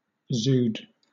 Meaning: An ecological crisis in the steppe-land of Mongolia and Central Asia causing loss of livestock, for example a drought, or a severe winter in which snow or ice block animals' access to the grass
- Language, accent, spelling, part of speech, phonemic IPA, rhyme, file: English, Southern England, dzud, noun, /(d)zuːd/, -uːd, LL-Q1860 (eng)-dzud.wav